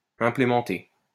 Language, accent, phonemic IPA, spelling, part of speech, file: French, France, /ɛ̃.ple.mɑ̃.te/, implémenter, verb, LL-Q150 (fra)-implémenter.wav
- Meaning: to implement